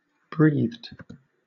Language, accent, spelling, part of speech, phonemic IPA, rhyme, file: English, Southern England, breathed, verb, /bɹiːðd/, -iːðd, LL-Q1860 (eng)-breathed.wav
- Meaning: simple past and past participle of breathe